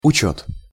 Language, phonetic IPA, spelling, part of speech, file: Russian, [ʊˈt͡ɕɵt], учёт, noun, Ru-учёт.ogg
- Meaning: 1. calculation, stock-taking 2. registration 3. taking into account